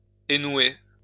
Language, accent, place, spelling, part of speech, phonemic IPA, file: French, France, Lyon, énouer, verb, /e.nwe/, LL-Q150 (fra)-énouer.wav
- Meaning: to remove the knots from, to unknot